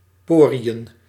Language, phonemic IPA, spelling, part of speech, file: Dutch, /ˈporijə(n)/, poriën, noun, Nl-poriën.ogg
- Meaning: plural of porie